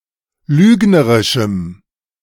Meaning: strong dative masculine/neuter singular of lügnerisch
- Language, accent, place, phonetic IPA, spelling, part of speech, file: German, Germany, Berlin, [ˈlyːɡnəʁɪʃm̩], lügnerischem, adjective, De-lügnerischem.ogg